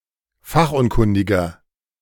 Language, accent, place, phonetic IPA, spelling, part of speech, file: German, Germany, Berlin, [ˈfaxʔʊnˌkʊndɪɡɐ], fachunkundiger, adjective, De-fachunkundiger.ogg
- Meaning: 1. comparative degree of fachunkundig 2. inflection of fachunkundig: strong/mixed nominative masculine singular 3. inflection of fachunkundig: strong genitive/dative feminine singular